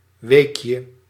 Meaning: diminutive of week
- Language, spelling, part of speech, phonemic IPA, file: Dutch, weekje, noun, /ˈwekjə/, Nl-weekje.ogg